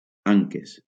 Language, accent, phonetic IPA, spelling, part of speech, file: Catalan, Valencia, [ˈaŋ.kes], anques, noun, LL-Q7026 (cat)-anques.wav
- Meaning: plural of anca